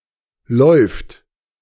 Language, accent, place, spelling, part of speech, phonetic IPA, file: German, Germany, Berlin, läuft, verb, [lɔʏ̯ft], De-läuft.ogg
- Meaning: third-person singular present of laufen 'to run'